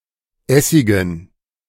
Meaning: dative plural of Essig
- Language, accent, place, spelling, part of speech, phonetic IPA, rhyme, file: German, Germany, Berlin, Essigen, noun, [ˈɛsɪɡn̩], -ɛsɪɡn̩, De-Essigen.ogg